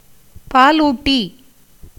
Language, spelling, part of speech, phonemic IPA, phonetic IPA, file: Tamil, பாலூட்டி, noun, /pɑːluːʈːiː/, [päːluːʈːiː], Ta-பாலூட்டி.ogg
- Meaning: mammal (a vertebrate animal of the class Mammalia, characterized by being warm-blooded, having fur or hair and producing milk with which to feed their young)